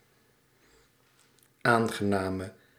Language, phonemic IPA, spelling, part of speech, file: Dutch, /ˈaŋɣəˌnamə/, aangename, adjective, Nl-aangename.ogg
- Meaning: inflection of aangenaam: 1. masculine/feminine singular attributive 2. definite neuter singular attributive 3. plural attributive